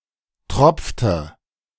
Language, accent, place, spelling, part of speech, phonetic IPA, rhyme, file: German, Germany, Berlin, tropfte, verb, [ˈtʁɔp͡ftə], -ɔp͡ftə, De-tropfte.ogg
- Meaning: inflection of tropfen: 1. first/third-person singular preterite 2. first/third-person singular subjunctive II